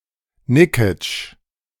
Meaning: a municipality of Burgenland, Austria
- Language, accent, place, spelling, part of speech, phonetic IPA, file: German, Germany, Berlin, Nikitsch, proper noun, [ˈnɪkɪt͡ʃ], De-Nikitsch.ogg